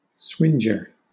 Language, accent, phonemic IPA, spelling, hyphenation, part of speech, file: English, Southern England, /ˈswɪnd͡ʒə/, swinger, swing‧er, noun, LL-Q1860 (eng)-swinger.wav
- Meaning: 1. One who swinges 2. Anything very large, forcible, or astonishing